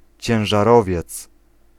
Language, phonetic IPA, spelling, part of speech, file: Polish, [ˌt͡ɕɛ̃w̃ʒaˈrɔvʲjɛt͡s], ciężarowiec, noun, Pl-ciężarowiec.ogg